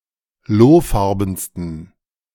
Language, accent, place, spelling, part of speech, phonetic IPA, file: German, Germany, Berlin, lohfarbensten, adjective, [ˈloːˌfaʁbn̩stən], De-lohfarbensten.ogg
- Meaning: 1. superlative degree of lohfarben 2. inflection of lohfarben: strong genitive masculine/neuter singular superlative degree